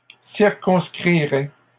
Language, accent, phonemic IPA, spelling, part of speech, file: French, Canada, /siʁ.kɔ̃s.kʁi.ʁɛ/, circonscrirait, verb, LL-Q150 (fra)-circonscrirait.wav
- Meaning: third-person singular conditional of circonscrire